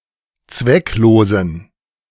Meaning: inflection of zwecklos: 1. strong genitive masculine/neuter singular 2. weak/mixed genitive/dative all-gender singular 3. strong/weak/mixed accusative masculine singular 4. strong dative plural
- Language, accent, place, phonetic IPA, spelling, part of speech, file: German, Germany, Berlin, [ˈt͡svɛkˌloːzn̩], zwecklosen, adjective, De-zwecklosen.ogg